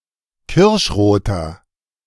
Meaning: inflection of kirschrot: 1. strong/mixed nominative masculine singular 2. strong genitive/dative feminine singular 3. strong genitive plural
- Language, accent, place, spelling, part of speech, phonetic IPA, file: German, Germany, Berlin, kirschroter, adjective, [ˈkɪʁʃˌʁoːtɐ], De-kirschroter.ogg